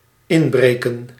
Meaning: to break in, to burglar, to burglarize
- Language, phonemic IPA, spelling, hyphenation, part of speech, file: Dutch, /ˈɪnˌbreː.kə(n)/, inbreken, in‧bre‧ken, verb, Nl-inbreken.ogg